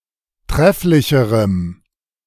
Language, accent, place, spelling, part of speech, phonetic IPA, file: German, Germany, Berlin, trefflicherem, adjective, [ˈtʁɛflɪçəʁəm], De-trefflicherem.ogg
- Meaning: strong dative masculine/neuter singular comparative degree of trefflich